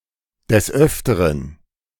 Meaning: many times
- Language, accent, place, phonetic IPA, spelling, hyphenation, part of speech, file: German, Germany, Berlin, [dɛs ˈœftɐʁən], des Öfteren, des Öf‧te‧ren, adverb, De-des Öfteren.ogg